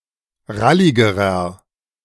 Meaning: inflection of rallig: 1. strong/mixed nominative masculine singular comparative degree 2. strong genitive/dative feminine singular comparative degree 3. strong genitive plural comparative degree
- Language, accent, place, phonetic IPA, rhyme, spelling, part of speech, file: German, Germany, Berlin, [ˈʁalɪɡəʁɐ], -alɪɡəʁɐ, ralligerer, adjective, De-ralligerer.ogg